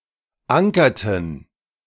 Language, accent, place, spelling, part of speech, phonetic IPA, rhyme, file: German, Germany, Berlin, ankerten, verb, [ˈaŋkɐtn̩], -aŋkɐtn̩, De-ankerten.ogg
- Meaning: inflection of ankern: 1. first/third-person plural preterite 2. first/third-person plural subjunctive II